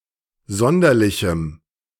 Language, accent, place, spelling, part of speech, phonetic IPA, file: German, Germany, Berlin, sonderlichem, adjective, [ˈzɔndɐlɪçm̩], De-sonderlichem.ogg
- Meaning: strong dative masculine/neuter singular of sonderlich